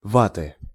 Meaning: nominative/accusative plural of ватт (vatt)
- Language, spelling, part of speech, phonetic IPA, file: Russian, ватты, noun, [ˈvatɨ], Ru-ватты.ogg